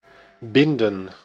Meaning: 1. to tie 2. to wrap 3. to bind (generally, legally/contractually) 4. to bind, to thicken (of food)
- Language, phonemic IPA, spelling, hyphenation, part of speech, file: Dutch, /ˈbɪndə(n)/, binden, bin‧den, verb, Nl-binden.ogg